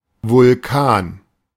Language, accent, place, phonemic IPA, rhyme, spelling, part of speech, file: German, Germany, Berlin, /vʊlˈkaːn/, -aːn, Vulkan, noun / proper noun, De-Vulkan.ogg
- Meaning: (noun) volcano; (proper noun) dated form of Vulcanus (“Vulcan”)